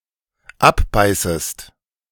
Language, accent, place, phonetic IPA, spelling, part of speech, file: German, Germany, Berlin, [ˈapˌbaɪ̯səst], abbeißest, verb, De-abbeißest.ogg
- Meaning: second-person singular dependent subjunctive I of abbeißen